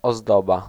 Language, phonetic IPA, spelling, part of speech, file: Polish, [ɔzˈdɔba], ozdoba, noun, Pl-ozdoba.ogg